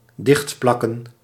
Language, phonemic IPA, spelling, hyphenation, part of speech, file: Dutch, /ˈdɪxtˌplɑ.kə(n)/, dichtplakken, dicht‧plak‧ken, verb, Nl-dichtplakken.ogg
- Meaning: to seal; to paste up